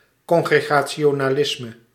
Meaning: Congregationalism
- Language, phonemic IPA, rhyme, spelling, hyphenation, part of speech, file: Dutch, /kɔŋ.ɣrə.ɣaː.(t)ʃoː.naːˈlɪs.mə/, -ɪsmə, congregationalisme, con‧gre‧ga‧ti‧o‧na‧lis‧me, noun, Nl-congregationalisme.ogg